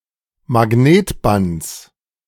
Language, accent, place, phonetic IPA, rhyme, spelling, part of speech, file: German, Germany, Berlin, [maˈɡneːtˌbant͡s], -eːtbant͡s, Magnetbands, noun, De-Magnetbands.ogg
- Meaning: genitive singular of Magnetband